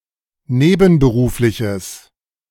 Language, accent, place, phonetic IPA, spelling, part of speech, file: German, Germany, Berlin, [ˈneːbn̩bəˌʁuːflɪçəs], nebenberufliches, adjective, De-nebenberufliches.ogg
- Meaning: strong/mixed nominative/accusative neuter singular of nebenberuflich